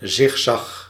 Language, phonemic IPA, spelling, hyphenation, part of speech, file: Dutch, /ˈzɪx.zɑx/, zigzag, zig‧zag, noun, Nl-zigzag.ogg
- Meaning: zigzag (line in a sawtooth pattern)